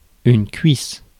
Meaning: 1. thigh 2. segment, quarter of some fruits (like oranges)
- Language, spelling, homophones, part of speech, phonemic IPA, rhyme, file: French, cuisse, cuisses, noun, /kɥis/, -ɥis, Fr-cuisse.ogg